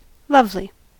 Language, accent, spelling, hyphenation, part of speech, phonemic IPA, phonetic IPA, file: English, US, lovely, love‧ly, adjective / noun / adverb, /ˈlʌv.li/, [ˈlʌv.lɪi̯], En-us-lovely.ogg
- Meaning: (adjective) 1. Delightful for beauty, harmony, or grace 2. Nice; wonderful 3. Inspiring love or friendship; amiable 4. Loving, filled with love